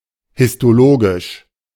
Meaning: histological
- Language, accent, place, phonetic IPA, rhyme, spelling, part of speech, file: German, Germany, Berlin, [hɪstoˈloːɡɪʃ], -oːɡɪʃ, histologisch, adjective, De-histologisch.ogg